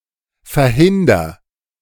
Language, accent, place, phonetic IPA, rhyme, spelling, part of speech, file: German, Germany, Berlin, [fɛɐ̯ˈhɪndɐ], -ɪndɐ, verhinder, verb, De-verhinder.ogg
- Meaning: inflection of verhindern: 1. first-person singular present 2. singular imperative